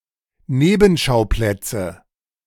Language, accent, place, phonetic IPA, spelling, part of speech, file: German, Germany, Berlin, [ˈneːbm̩ˌʃaʊ̯plɛt͡sə], Nebenschauplätze, noun, De-Nebenschauplätze.ogg
- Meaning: nominative/accusative/genitive plural of Nebenschauplatz